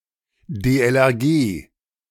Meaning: abbreviation of Deutsche Lebens-Rettungs-Gesellschaft (“German Lifeguard Association”)
- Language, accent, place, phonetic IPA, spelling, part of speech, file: German, Germany, Berlin, [deːʔɛlʔɛʁˈɡeː], DLRG, abbreviation, De-DLRG.ogg